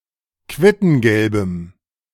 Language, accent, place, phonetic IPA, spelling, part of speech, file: German, Germany, Berlin, [ˈkvɪtn̩ɡɛlbəm], quittengelbem, adjective, De-quittengelbem.ogg
- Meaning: strong dative masculine/neuter singular of quittengelb